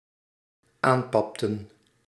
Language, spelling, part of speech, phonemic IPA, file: Dutch, aanpapten, verb, /ˈampɑptə(n)/, Nl-aanpapten.ogg
- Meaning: inflection of aanpappen: 1. plural dependent-clause past indicative 2. plural dependent-clause past subjunctive